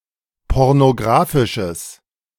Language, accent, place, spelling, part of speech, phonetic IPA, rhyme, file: German, Germany, Berlin, pornografisches, adjective, [ˌpɔʁnoˈɡʁaːfɪʃəs], -aːfɪʃəs, De-pornografisches.ogg
- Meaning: strong/mixed nominative/accusative neuter singular of pornografisch